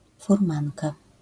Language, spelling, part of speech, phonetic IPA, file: Polish, furmanka, noun, [furˈmãnka], LL-Q809 (pol)-furmanka.wav